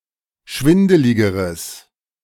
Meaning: strong/mixed nominative/accusative neuter singular comparative degree of schwindelig
- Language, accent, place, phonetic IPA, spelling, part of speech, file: German, Germany, Berlin, [ˈʃvɪndəlɪɡəʁəs], schwindeligeres, adjective, De-schwindeligeres.ogg